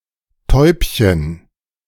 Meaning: 1. diminutive of Taube: a small dove / pigeon 2. a term of endearment
- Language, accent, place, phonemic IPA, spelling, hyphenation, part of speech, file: German, Germany, Berlin, /ˈtɔʏ̯pçən/, Täubchen, Täub‧chen, noun, De-Täubchen.ogg